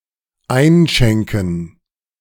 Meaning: to pour (a drink into a glass or cup)
- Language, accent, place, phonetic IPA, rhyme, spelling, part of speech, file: German, Germany, Berlin, [ˈaɪ̯nˌʃɛŋkn̩], -aɪ̯nʃɛŋkn̩, einschenken, verb, De-einschenken.ogg